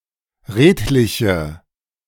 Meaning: inflection of redlich: 1. strong/mixed nominative/accusative feminine singular 2. strong nominative/accusative plural 3. weak nominative all-gender singular 4. weak accusative feminine/neuter singular
- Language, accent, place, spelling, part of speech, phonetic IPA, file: German, Germany, Berlin, redliche, adjective, [ˈʁeːtlɪçə], De-redliche.ogg